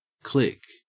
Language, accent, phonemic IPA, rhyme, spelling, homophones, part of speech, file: English, Australia, /klɪk/, -ɪk, klick, click / clique, noun, En-au-klick.ogg
- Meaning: 1. A kilometer 2. Kilometres per hour 3. Alternative spelling of click (mostly as an interjection)